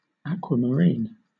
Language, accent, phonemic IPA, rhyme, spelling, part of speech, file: English, Southern England, /ˌæk.wə.məˈɹiːn/, -iːn, aquamarine, noun / adjective, LL-Q1860 (eng)-aquamarine.wav
- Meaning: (noun) 1. The bluish-green colour of the sea 2. A transparent bluish-green, sometimes yellow-green, variety of beryl; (adjective) Of a bluish-green colour